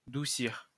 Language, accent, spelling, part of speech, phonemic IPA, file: French, France, doucir, verb, /du.siʁ/, LL-Q150 (fra)-doucir.wav
- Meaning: to polish (looking-glasses)